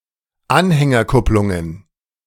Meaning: plural of Anhängerkupplung
- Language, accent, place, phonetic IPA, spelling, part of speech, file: German, Germany, Berlin, [ˈanhɛŋɐˌkʊplʊŋən], Anhängerkupplungen, noun, De-Anhängerkupplungen.ogg